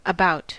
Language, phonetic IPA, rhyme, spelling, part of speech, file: English, [əˈbaʊt], -aʊt, about, adverb / preposition, En-us-about.ogg